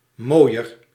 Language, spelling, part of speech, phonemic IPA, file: Dutch, mooier, adjective, /ˈmoːjər/, Nl-mooier.ogg
- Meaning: comparative degree of mooi